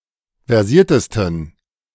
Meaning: 1. superlative degree of versiert 2. inflection of versiert: strong genitive masculine/neuter singular superlative degree
- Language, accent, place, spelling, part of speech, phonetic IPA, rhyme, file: German, Germany, Berlin, versiertesten, adjective, [vɛʁˈziːɐ̯təstn̩], -iːɐ̯təstn̩, De-versiertesten.ogg